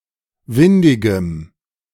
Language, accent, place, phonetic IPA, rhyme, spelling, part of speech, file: German, Germany, Berlin, [ˈvɪndɪɡəm], -ɪndɪɡəm, windigem, adjective, De-windigem.ogg
- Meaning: strong dative masculine/neuter singular of windig